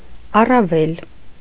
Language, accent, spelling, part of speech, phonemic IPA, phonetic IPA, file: Armenian, Eastern Armenian, առավել, adverb / noun, /ɑrɑˈvel/, [ɑrɑvél], Hy-առավել.ogg
- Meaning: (adverb) more, much, far; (noun) 1. the untilled land left at the edges of the field 2. alternative form of հորովել (horovel)